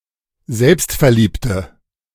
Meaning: inflection of selbstverliebt: 1. strong/mixed nominative/accusative feminine singular 2. strong nominative/accusative plural 3. weak nominative all-gender singular
- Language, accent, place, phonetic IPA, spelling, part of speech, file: German, Germany, Berlin, [ˈzɛlpstfɛɐ̯ˌliːptə], selbstverliebte, adjective, De-selbstverliebte.ogg